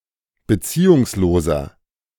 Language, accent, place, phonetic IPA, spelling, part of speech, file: German, Germany, Berlin, [bəˈt͡siːʊŋsˌloːzɐ], beziehungsloser, adjective, De-beziehungsloser.ogg
- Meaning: 1. comparative degree of beziehungslos 2. inflection of beziehungslos: strong/mixed nominative masculine singular 3. inflection of beziehungslos: strong genitive/dative feminine singular